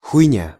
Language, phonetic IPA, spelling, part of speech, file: Russian, [xʊjˈnʲa], хуйня, noun, Ru-хуйня.ogg
- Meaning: 1. shit, crap (A problem or difficult situation) 2. shit (nonsense, bullshit) 3. shit (rubbish; worthless matter) 4. shit (stuff, things) 5. nothing (not a real problem)